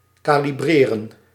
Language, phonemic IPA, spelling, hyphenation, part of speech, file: Dutch, /kaːliˈbreːrə(n)/, kalibreren, ka‧li‧bre‧ren, verb, Nl-kalibreren.ogg
- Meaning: to calibrate